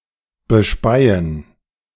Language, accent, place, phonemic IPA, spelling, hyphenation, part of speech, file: German, Germany, Berlin, /bəˈʃpaɪ̯ən/, bespeien, be‧spei‧en, verb, De-bespeien.ogg
- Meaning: to spit on